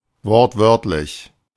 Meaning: word-for-word
- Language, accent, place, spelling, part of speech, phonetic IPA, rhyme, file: German, Germany, Berlin, wortwörtlich, adjective, [ˈvɔʁtˈvœʁtlɪç], -œʁtlɪç, De-wortwörtlich.ogg